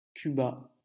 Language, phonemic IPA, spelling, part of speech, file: French, /ky.ba/, Cuba, proper noun, LL-Q150 (fra)-Cuba.wav
- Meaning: Cuba (a country, the largest island (based on land area) in the Caribbean)